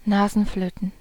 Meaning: plural of Nasenflöte
- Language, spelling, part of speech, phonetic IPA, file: German, Nasenflöten, noun, [ˈnaːzn̩ˌfløːtn̩], De-Nasenflöten.ogg